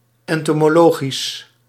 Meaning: entomological
- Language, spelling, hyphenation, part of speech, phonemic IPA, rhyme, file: Dutch, entomologisch, en‧to‧mo‧lo‧gisch, adjective, /ˌɛn.toː.moːˈloː.ɣis/, -oːɣis, Nl-entomologisch.ogg